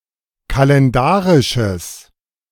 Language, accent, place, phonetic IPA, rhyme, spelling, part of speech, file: German, Germany, Berlin, [kalɛnˈdaːʁɪʃəs], -aːʁɪʃəs, kalendarisches, adjective, De-kalendarisches.ogg
- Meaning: strong/mixed nominative/accusative neuter singular of kalendarisch